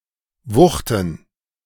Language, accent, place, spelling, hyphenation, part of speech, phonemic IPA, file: German, Germany, Berlin, wuchten, wuch‧ten, verb, /ˈvʊxtən/, De-wuchten.ogg
- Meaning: 1. to lift or move something with a sudden thrust 2. to heave, to lift something heavy